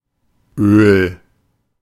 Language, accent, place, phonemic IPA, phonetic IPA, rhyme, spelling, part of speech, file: German, Germany, Berlin, /øːl/, [ʔøːl], -øːl, Öl, noun, De-Öl.ogg
- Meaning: oil